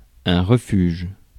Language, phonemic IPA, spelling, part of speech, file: French, /ʁə.fyʒ/, refuge, noun, Fr-refuge.ogg
- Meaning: refuge